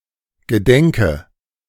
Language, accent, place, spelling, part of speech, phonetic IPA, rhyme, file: German, Germany, Berlin, gedenke, verb, [ɡəˈdɛŋkə], -ɛŋkə, De-gedenke.ogg
- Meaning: inflection of gedenken: 1. first-person singular present 2. first/third-person singular subjunctive I 3. singular imperative